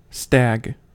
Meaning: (noun) 1. An adult male deer, especially a red deer and especially one in high adulthood versus a young adult 2. A young horse (colt or filly) 3. A male turkey: a turkeycock
- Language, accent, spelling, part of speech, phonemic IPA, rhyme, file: English, US, stag, noun / verb / adverb, /stæɡ/, -æɡ, En-us-stag.ogg